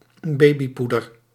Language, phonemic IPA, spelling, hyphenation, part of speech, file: Dutch, /ˈbeː.biˌpu.dər/, babypoeder, ba‧by‧poe‧der, noun, Nl-babypoeder.ogg
- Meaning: baby powder